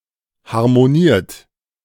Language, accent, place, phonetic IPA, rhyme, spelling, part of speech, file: German, Germany, Berlin, [haʁmoˈniːɐ̯t], -iːɐ̯t, harmoniert, verb, De-harmoniert.ogg
- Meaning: 1. past participle of harmonieren 2. inflection of harmonieren: third-person singular present 3. inflection of harmonieren: second-person plural present 4. inflection of harmonieren: plural imperative